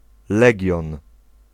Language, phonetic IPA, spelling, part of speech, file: Polish, [ˈlɛɟɔ̃n], legion, noun, Pl-legion.ogg